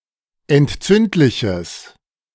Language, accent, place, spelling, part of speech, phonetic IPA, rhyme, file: German, Germany, Berlin, entzündliches, adjective, [ɛntˈt͡sʏntlɪçəs], -ʏntlɪçəs, De-entzündliches.ogg
- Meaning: strong/mixed nominative/accusative neuter singular of entzündlich